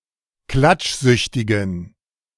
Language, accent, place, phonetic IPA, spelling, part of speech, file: German, Germany, Berlin, [ˈklat͡ʃˌzʏçtɪɡn̩], klatschsüchtigen, adjective, De-klatschsüchtigen.ogg
- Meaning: inflection of klatschsüchtig: 1. strong genitive masculine/neuter singular 2. weak/mixed genitive/dative all-gender singular 3. strong/weak/mixed accusative masculine singular 4. strong dative plural